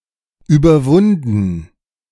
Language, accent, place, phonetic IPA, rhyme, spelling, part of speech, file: German, Germany, Berlin, [yːbɐˈvʊndn̩], -ʊndn̩, überwunden, verb, De-überwunden.ogg
- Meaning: past participle of überwinden